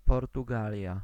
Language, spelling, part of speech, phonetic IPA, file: Polish, Portugalia, proper noun, [ˌpɔrtuˈɡalʲja], Pl-Portugalia.ogg